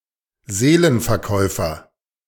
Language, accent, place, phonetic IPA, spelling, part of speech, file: German, Germany, Berlin, [ˈzeːlənfɛɐ̯ˌkɔɪ̯fɐ], Seelenverkäufer, noun, De-Seelenverkäufer.ogg
- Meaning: 1. seller of souls 2. an unseaworthy boat or ship; a ship which is unsafe, dangerous to pilot (a floating coffin)